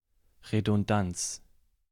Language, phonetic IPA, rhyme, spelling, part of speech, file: German, [ʁedʊnˈdant͡s], -ant͡s, Redundanz, noun, De-Redundanz.ogg
- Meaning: redundancy